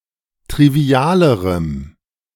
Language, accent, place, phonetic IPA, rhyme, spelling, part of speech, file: German, Germany, Berlin, [tʁiˈvi̯aːləʁəm], -aːləʁəm, trivialerem, adjective, De-trivialerem.ogg
- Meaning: strong dative masculine/neuter singular comparative degree of trivial